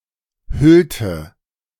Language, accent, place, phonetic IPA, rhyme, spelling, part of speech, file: German, Germany, Berlin, [ˈhʏltə], -ʏltə, hüllte, verb, De-hüllte.ogg
- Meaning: inflection of hüllen: 1. first/third-person singular preterite 2. first/third-person singular subjunctive II